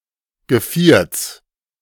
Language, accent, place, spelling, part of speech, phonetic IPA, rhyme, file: German, Germany, Berlin, Gevierts, noun, [ɡəˈfiːɐ̯t͡s], -iːɐ̯t͡s, De-Gevierts.ogg
- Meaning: genitive singular of Geviert